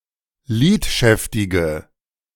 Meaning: inflection of lidschäftig: 1. strong/mixed nominative/accusative feminine singular 2. strong nominative/accusative plural 3. weak nominative all-gender singular
- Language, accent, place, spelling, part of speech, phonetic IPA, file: German, Germany, Berlin, lidschäftige, adjective, [ˈliːtˌʃɛftɪɡə], De-lidschäftige.ogg